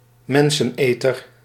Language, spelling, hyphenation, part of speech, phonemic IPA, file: Dutch, menseneter, men‧sen‧eter, noun, /ˈmɛn.sə(n)ˌeː.tər/, Nl-menseneter.ogg
- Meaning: a man-eater, one who eats humans, in particular a human cannibal